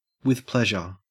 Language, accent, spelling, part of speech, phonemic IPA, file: English, Australia, with pleasure, prepositional phrase, /wəð ˈpleʒ.ə/, En-au-with pleasure.ogg
- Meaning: Willingly; without argument